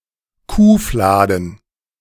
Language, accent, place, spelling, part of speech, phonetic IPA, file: German, Germany, Berlin, Kuhfladen, noun, [ˈkuːˌflaːdn̩], De-Kuhfladen.ogg
- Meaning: cow pie